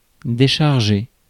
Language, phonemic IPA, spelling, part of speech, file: French, /de.ʃaʁ.ʒe/, décharger, verb, Fr-décharger.ogg
- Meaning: 1. to unload; offload 2. to discharge 3. to let off (remove the guilt from someone) 4. to remove a charge from 5. to offload (ejaculate)